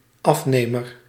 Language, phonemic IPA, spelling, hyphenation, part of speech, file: Dutch, /ˈɑfˌneːmər/, afnemer, af‧ne‧mer, noun, Nl-afnemer.ogg
- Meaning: 1. customer, client, buyer (of goods or services) 2. buyer, purchaser, one who is busy with procurement professionally